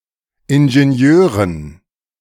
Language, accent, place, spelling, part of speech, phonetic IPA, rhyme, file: German, Germany, Berlin, Ingenieuren, noun, [ɪnʒeˈni̯øːʁən], -øːʁən, De-Ingenieuren.ogg
- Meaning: dative plural of Ingenieur